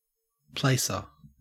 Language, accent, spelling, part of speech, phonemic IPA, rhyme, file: English, Australia, placer, noun, /ˈpleɪsə(ɹ)/, -eɪsə(ɹ), En-au-placer.ogg
- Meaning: 1. One who places or arranges something 2. One who deals in stolen goods; a fence 3. A horse, etc. that finishes in a particular place in a race